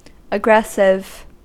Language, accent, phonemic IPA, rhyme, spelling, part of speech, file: English, US, /əˈɡɹɛs.ɪv/, -ɛsɪv, aggressive, adjective / noun, En-us-aggressive.ogg
- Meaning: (adjective) Characterized by aggression; highly combative; prone to behave in a way that involves attacking (especially if unjustly) or arguing